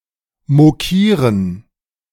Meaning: to mock (someone, something)
- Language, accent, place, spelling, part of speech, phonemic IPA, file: German, Germany, Berlin, mokieren, verb, /moˈkiːʁən/, De-mokieren.ogg